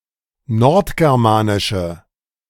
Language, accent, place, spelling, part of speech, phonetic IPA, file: German, Germany, Berlin, nordgermanische, adjective, [ˈnɔʁtɡɛʁˌmaːnɪʃə], De-nordgermanische.ogg
- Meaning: inflection of nordgermanisch: 1. strong/mixed nominative/accusative feminine singular 2. strong nominative/accusative plural 3. weak nominative all-gender singular